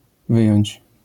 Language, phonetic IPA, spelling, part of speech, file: Polish, [ˈvɨjɔ̇̃ɲt͡ɕ], wyjąć, verb, LL-Q809 (pol)-wyjąć.wav